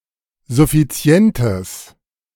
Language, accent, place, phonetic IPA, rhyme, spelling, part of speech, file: German, Germany, Berlin, [zʊfiˈt͡si̯ɛntəs], -ɛntəs, suffizientes, adjective, De-suffizientes.ogg
- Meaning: strong/mixed nominative/accusative neuter singular of suffizient